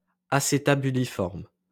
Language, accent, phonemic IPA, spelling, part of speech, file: French, France, /a.se.ta.by.li.fɔʁm/, acétabuliforme, adjective, LL-Q150 (fra)-acétabuliforme.wav
- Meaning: acetabuliform